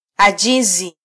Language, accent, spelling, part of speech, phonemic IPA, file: Swahili, Kenya, ajizi, noun, /ɑˈʄi.zi/, Sw-ke-ajizi.flac
- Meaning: 1. weakness 2. indecision 3. laziness, slackness